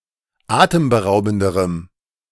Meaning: strong dative masculine/neuter singular comparative degree of atemberaubend
- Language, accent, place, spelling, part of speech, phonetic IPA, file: German, Germany, Berlin, atemberaubenderem, adjective, [ˈaːtəmbəˌʁaʊ̯bn̩dəʁəm], De-atemberaubenderem.ogg